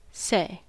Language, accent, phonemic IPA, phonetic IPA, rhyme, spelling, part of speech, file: English, General American, /seɪ/, [seː], -eɪ, say, verb / noun / adverb / interjection, En-us-say.ogg
- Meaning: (verb) 1. To pronounce 2. To recite 3. To tell, either verbally or in writing 4. To indicate in a written form